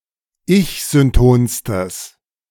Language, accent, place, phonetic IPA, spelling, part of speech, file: German, Germany, Berlin, [ˈɪçzʏnˌtoːnstəs], ich-syntonstes, adjective, De-ich-syntonstes.ogg
- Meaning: strong/mixed nominative/accusative neuter singular superlative degree of ich-synton